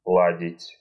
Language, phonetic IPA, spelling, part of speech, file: Russian, [ˈɫadʲɪtʲ], ладить, verb, Ru-ладить.ogg
- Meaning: 1. to get on (with), to agree (with), to be on good terms (with) 2. to prepare, to make ready, to fix, to tune 3. to plan 4. to repeat, to keep saying, to drone (on)